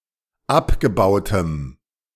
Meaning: strong dative masculine/neuter singular of abgebaut
- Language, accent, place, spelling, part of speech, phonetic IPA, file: German, Germany, Berlin, abgebautem, adjective, [ˈapɡəˌbaʊ̯təm], De-abgebautem.ogg